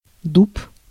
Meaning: 1. oak (Quercus spp.) (tree and wood) 2. tan, bark of an oak or other tree used to obtain tannic acid 3. boat made from oak boards or a single oak-tree trunk 4. stupid man, blockhead, numskull
- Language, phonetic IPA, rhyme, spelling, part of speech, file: Russian, [dup], -up, дуб, noun, Ru-дуб.ogg